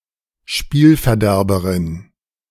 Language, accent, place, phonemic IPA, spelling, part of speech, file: German, Germany, Berlin, /ˈʃpiːlfɛɐ̯ˌdɛʁbəʁɪn/, Spielverderberin, noun, De-Spielverderberin.ogg
- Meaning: female spoilsport, killjoy